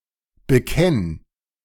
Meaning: singular imperative of bekennen
- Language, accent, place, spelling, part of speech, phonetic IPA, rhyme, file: German, Germany, Berlin, bekenn, verb, [bəˈkɛn], -ɛn, De-bekenn.ogg